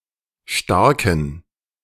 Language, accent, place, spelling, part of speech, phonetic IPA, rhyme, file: German, Germany, Berlin, starken, adjective, [ˈʃtaʁkn̩], -aʁkn̩, De-starken.ogg
- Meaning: inflection of stark: 1. strong genitive masculine/neuter singular 2. weak/mixed genitive/dative all-gender singular 3. strong/weak/mixed accusative masculine singular 4. strong dative plural